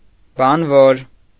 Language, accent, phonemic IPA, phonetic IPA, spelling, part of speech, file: Armenian, Eastern Armenian, /bɑnˈvoɾ/, [bɑnvóɾ], բանվոր, noun, Hy-բանվոր.ogg
- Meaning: 1. worker performing physical tasks, especially an industrial worker; laborer 2. construction worker